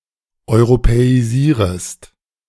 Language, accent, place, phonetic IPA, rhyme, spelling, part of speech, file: German, Germany, Berlin, [ɔɪ̯ʁopɛiˈziːʁəst], -iːʁəst, europäisierest, verb, De-europäisierest.ogg
- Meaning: second-person singular subjunctive I of europäisieren